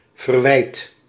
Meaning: inflection of verwijden: 1. second/third-person singular present indicative 2. plural imperative
- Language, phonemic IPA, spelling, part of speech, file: Dutch, /vərˈwɛit/, verwijdt, verb, Nl-verwijdt.ogg